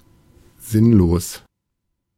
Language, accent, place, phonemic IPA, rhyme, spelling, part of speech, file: German, Germany, Berlin, /ˈzɪnloːs/, -oːs, sinnlos, adjective, De-sinnlos.ogg
- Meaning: 1. meaningless, pointless, senseless 2. excessive, disproportionate